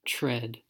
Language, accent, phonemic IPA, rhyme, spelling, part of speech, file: English, US, /tɹɛd/, -ɛd, tread, verb / noun, En-us-tread.ogg
- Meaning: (verb) 1. To step or walk (on or across something); to trample 2. To step or walk upon 3. To proceed, to behave (in a certain manner) 4. To beat or press with the feet